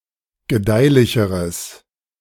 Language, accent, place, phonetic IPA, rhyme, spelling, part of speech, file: German, Germany, Berlin, [ɡəˈdaɪ̯lɪçəʁəs], -aɪ̯lɪçəʁəs, gedeihlicheres, adjective, De-gedeihlicheres.ogg
- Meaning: strong/mixed nominative/accusative neuter singular comparative degree of gedeihlich